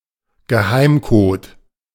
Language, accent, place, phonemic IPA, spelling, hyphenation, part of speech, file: German, Germany, Berlin, /ɡəˈhaɪ̯mˌkoːt/, Geheimcode, Ge‧heim‧code, noun, De-Geheimcode.ogg
- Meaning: secret code, cipher